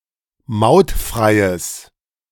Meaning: strong/mixed nominative/accusative neuter singular of mautfrei
- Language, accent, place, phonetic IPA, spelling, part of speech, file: German, Germany, Berlin, [ˈmaʊ̯tˌfʁaɪ̯əs], mautfreies, adjective, De-mautfreies.ogg